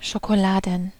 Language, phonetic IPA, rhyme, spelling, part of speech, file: German, [ʃokoˈlaːdn̩], -aːdn̩, Schokoladen, noun, De-Schokoladen.ogg
- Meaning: plural of Schokolade